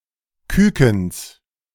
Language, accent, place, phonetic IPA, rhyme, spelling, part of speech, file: German, Germany, Berlin, [ˈkʏkn̩s], -ʏkn̩s, Kückens, noun, De-Kückens.ogg
- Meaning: genitive singular of Kücken